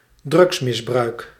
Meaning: drug abuse
- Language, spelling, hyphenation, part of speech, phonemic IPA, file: Dutch, drugsmisbruik, drugs‧mis‧bruik, noun, /ˈdrʏɡs.mɪsˌbrœy̯k/, Nl-drugsmisbruik.ogg